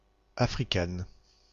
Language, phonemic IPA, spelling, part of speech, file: French, /a.fʁi.kɛn/, africaine, adjective, FR-africaine.ogg
- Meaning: feminine singular of africain